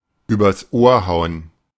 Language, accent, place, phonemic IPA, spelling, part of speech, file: German, Germany, Berlin, /ˈyːbɐs oːɐ̯ ˈhaʊ̯ən/, übers Ohr hauen, verb, De-übers Ohr hauen.ogg
- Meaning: pull a fast one on, to rip off (someone)